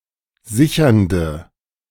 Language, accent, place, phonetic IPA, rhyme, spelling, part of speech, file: German, Germany, Berlin, [ˈzɪçɐndə], -ɪçɐndə, sichernde, adjective, De-sichernde.ogg
- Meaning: inflection of sichernd: 1. strong/mixed nominative/accusative feminine singular 2. strong nominative/accusative plural 3. weak nominative all-gender singular